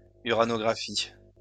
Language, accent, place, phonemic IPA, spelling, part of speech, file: French, France, Lyon, /y.ʁa.nɔ.ɡʁa.fi/, uranographie, noun, LL-Q150 (fra)-uranographie.wav
- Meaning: uranography